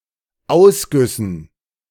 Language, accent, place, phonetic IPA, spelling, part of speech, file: German, Germany, Berlin, [ˈaʊ̯sˌɡʏsn̩], Ausgüssen, noun, De-Ausgüssen.ogg
- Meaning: dative plural of Ausguss